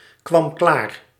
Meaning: singular past indicative of klaarkomen
- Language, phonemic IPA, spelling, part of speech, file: Dutch, /ˌkwɑm ˈklar/, kwam klaar, verb, Nl-kwam klaar.ogg